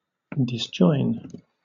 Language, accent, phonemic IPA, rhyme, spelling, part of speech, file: English, Southern England, /dɪsˈdʒɔɪn/, -ɔɪn, disjoin, verb, LL-Q1860 (eng)-disjoin.wav
- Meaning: 1. To separate; to disunite 2. To become separated